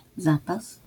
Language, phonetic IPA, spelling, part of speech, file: Polish, [ˈzapas], zapas, noun, LL-Q809 (pol)-zapas.wav